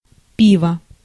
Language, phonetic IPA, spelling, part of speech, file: Russian, [ˈpʲivə], пиво, noun, Ru-пиво.ogg
- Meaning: 1. beer (verbal noun of пить (pitʹ) (nomen obiecti)) 2. portion of beer